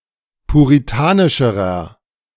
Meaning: inflection of puritanisch: 1. strong/mixed nominative masculine singular comparative degree 2. strong genitive/dative feminine singular comparative degree 3. strong genitive plural comparative degree
- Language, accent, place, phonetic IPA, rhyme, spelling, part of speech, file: German, Germany, Berlin, [puʁiˈtaːnɪʃəʁɐ], -aːnɪʃəʁɐ, puritanischerer, adjective, De-puritanischerer.ogg